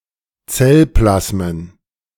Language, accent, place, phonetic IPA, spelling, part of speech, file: German, Germany, Berlin, [ˈt͡sɛlˌplasmən], Zellplasmen, noun, De-Zellplasmen.ogg
- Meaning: plural of Zellplasma